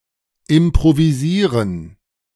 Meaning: to improvise
- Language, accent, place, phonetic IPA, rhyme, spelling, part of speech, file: German, Germany, Berlin, [ɪmpʁoviˈziːʁən], -iːʁən, improvisieren, verb, De-improvisieren.ogg